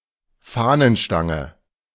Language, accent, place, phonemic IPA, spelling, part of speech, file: German, Germany, Berlin, /ˈfaːnənˌʃtaŋə/, Fahnenstange, noun, De-Fahnenstange.ogg
- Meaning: flagpole, flagstaff